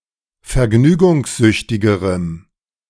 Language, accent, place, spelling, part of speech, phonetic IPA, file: German, Germany, Berlin, vergnügungssüchtigerem, adjective, [fɛɐ̯ˈɡnyːɡʊŋsˌzʏçtɪɡəʁəm], De-vergnügungssüchtigerem.ogg
- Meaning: strong dative masculine/neuter singular comparative degree of vergnügungssüchtig